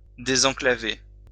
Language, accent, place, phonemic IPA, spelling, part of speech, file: French, France, Lyon, /de.zɑ̃.kla.ve/, désenclaver, verb, LL-Q150 (fra)-désenclaver.wav
- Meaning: to disenclave